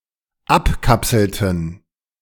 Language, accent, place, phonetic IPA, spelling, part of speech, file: German, Germany, Berlin, [ˈapˌkapsl̩tn̩], abkapselten, verb, De-abkapselten.ogg
- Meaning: inflection of abkapseln: 1. first/third-person plural dependent preterite 2. first/third-person plural dependent subjunctive II